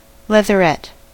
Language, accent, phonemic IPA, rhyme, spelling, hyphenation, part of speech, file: English, General American, /ˌlɛðəˈɹɛt/, -ɛt, leatherette, lea‧ther‧ette, noun, En-us-leatherette.ogg
- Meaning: 1. A type of fabric, often plastic, made to imitate the appearance of leather 2. A person, especially a woman, who dresses in leather or imitation leather